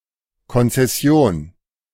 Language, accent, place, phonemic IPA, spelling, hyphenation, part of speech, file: German, Germany, Berlin, /ˌkɔnt͡sɛˈsi̯oːn/, Konzession, Kon‧zes‧si‧on, noun, De-Konzession.ogg
- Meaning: franchise